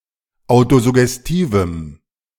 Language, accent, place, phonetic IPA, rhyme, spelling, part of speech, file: German, Germany, Berlin, [ˌaʊ̯tozʊɡɛsˈtiːvm̩], -iːvm̩, autosuggestivem, adjective, De-autosuggestivem.ogg
- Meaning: strong dative masculine/neuter singular of autosuggestiv